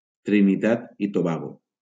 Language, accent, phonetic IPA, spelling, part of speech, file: Catalan, Valencia, [tɾi.niˈtat i toˈba.ɣo], Trinitat i Tobago, proper noun, LL-Q7026 (cat)-Trinitat i Tobago.wav
- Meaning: Trinidad and Tobago (a country consisting of two main islands and several smaller islands in the Caribbean, off the coast of Venezuela)